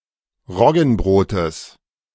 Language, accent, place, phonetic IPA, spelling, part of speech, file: German, Germany, Berlin, [ˈʁɔɡn̩ˌbʁoːtəs], Roggenbrotes, noun, De-Roggenbrotes.ogg
- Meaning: genitive singular of Roggenbrot